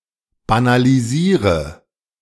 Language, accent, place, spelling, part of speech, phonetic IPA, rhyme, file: German, Germany, Berlin, banalisiere, verb, [banaliˈziːʁə], -iːʁə, De-banalisiere.ogg
- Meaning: inflection of banalisieren: 1. first-person singular present 2. singular imperative 3. first/third-person singular subjunctive I